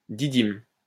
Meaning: didymium
- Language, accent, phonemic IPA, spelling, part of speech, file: French, France, /di.dim/, didyme, noun, LL-Q150 (fra)-didyme.wav